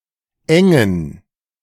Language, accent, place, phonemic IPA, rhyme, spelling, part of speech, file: German, Germany, Berlin, /ˈɛŋən/, -ɛŋən, engen, verb / adjective, De-engen.ogg
- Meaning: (verb) 1. to limit 2. to restrict 3. to narrow down; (adjective) inflection of eng: 1. strong genitive masculine/neuter singular 2. weak/mixed genitive/dative all-gender singular